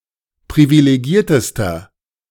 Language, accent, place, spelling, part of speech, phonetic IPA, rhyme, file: German, Germany, Berlin, privilegiertester, adjective, [pʁivileˈɡiːɐ̯təstɐ], -iːɐ̯təstɐ, De-privilegiertester.ogg
- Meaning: inflection of privilegiert: 1. strong/mixed nominative masculine singular superlative degree 2. strong genitive/dative feminine singular superlative degree 3. strong genitive plural superlative degree